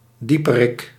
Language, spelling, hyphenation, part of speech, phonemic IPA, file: Dutch, dieperik, die‧pe‧rik, noun, /ˈdi.pəˌrɪk/, Nl-dieperik.ogg
- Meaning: 1. depth, any deep place, or in particular, drop 2. individual, usually an art critic, considered to be overly concerned with finding deep meanings